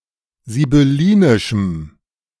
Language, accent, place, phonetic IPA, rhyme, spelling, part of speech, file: German, Germany, Berlin, [zibʏˈliːnɪʃm̩], -iːnɪʃm̩, sibyllinischem, adjective, De-sibyllinischem.ogg
- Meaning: strong dative masculine/neuter singular of sibyllinisch